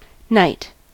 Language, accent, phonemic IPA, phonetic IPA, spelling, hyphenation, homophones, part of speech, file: English, US, /ˈnaɪ̯t/, [ˈnaɪ̯t], knight, knight, night / nite, noun / verb, En-us-knight.ogg
- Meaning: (noun) 1. A young servant or follower; a trained military attendant in service of a lord 2. A minor nobleman with an honourable military rank who had served as a page and squire